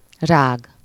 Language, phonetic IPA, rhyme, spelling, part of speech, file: Hungarian, [ˈraːɡ], -aːɡ, rág, verb, Hu-rág.ogg
- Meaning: to chew